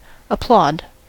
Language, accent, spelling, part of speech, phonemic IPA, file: English, General American, applaud, noun / verb, /əˈplɔd/, En-us-applaud.ogg
- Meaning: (noun) 1. Applause; applauding 2. Plaudit; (verb) 1. To express approval (of something) by clapping the hands 2. To praise, or express approval for something or someone